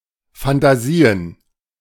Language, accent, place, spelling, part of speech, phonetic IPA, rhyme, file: German, Germany, Berlin, Fantasien, noun, [fantaˈziːən], -iːən, De-Fantasien.ogg
- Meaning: plural of Fantasie "fantasies"